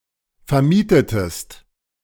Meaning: inflection of vermieten: 1. second-person singular preterite 2. second-person singular subjunctive II
- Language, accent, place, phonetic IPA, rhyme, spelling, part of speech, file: German, Germany, Berlin, [fɛɐ̯ˈmiːtətəst], -iːtətəst, vermietetest, verb, De-vermietetest.ogg